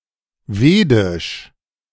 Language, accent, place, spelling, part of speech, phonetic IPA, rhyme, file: German, Germany, Berlin, vedisch, adjective, [ˈveːdɪʃ], -eːdɪʃ, De-vedisch.ogg
- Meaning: Vedic (related to the Vedic Sanskrit language)